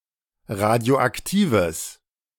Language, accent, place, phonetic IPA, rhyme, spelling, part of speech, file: German, Germany, Berlin, [ˌʁadi̯oʔakˈtiːvəs], -iːvəs, radioaktives, adjective, De-radioaktives.ogg
- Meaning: strong/mixed nominative/accusative neuter singular of radioaktiv